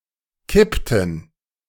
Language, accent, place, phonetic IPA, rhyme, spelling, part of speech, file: German, Germany, Berlin, [ˈkɪptn̩], -ɪptn̩, kippten, verb, De-kippten.ogg
- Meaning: inflection of kippen: 1. first/third-person plural preterite 2. first/third-person plural subjunctive II